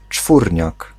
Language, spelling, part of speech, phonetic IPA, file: Polish, czwórniak, noun, [ˈt͡ʃfurʲɲak], Pl-czwórniak.ogg